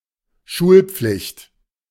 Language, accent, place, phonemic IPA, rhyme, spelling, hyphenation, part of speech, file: German, Germany, Berlin, /ˈʃuːlˌp͡flɪçt/, -ɪçt, Schulpflicht, Schul‧pflicht, noun, De-Schulpflicht.ogg
- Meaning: compulsory education